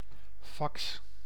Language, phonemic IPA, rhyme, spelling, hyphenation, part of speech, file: Dutch, /fɑks/, -ɑks, fax, fax, noun / verb, Nl-fax.ogg
- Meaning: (noun) fax; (verb) inflection of faxen: 1. first-person singular present indicative 2. second-person singular present indicative 3. imperative